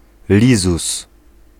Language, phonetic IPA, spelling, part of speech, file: Polish, [ˈlʲizus], lizus, noun, Pl-lizus.ogg